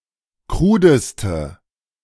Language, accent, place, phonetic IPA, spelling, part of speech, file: German, Germany, Berlin, [ˈkʁuːdəstə], krudeste, adjective, De-krudeste.ogg
- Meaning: inflection of krud: 1. strong/mixed nominative/accusative feminine singular superlative degree 2. strong nominative/accusative plural superlative degree